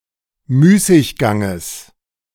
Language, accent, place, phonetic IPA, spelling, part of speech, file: German, Germany, Berlin, [ˈmyːsɪçˌɡaŋəs], Müßigganges, noun, De-Müßigganges.ogg
- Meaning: genitive singular of Müßiggang